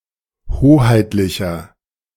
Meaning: 1. comparative degree of hoheitlich 2. inflection of hoheitlich: strong/mixed nominative masculine singular 3. inflection of hoheitlich: strong genitive/dative feminine singular
- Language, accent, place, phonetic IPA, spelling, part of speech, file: German, Germany, Berlin, [ˈhoːhaɪ̯tlɪçɐ], hoheitlicher, adjective, De-hoheitlicher.ogg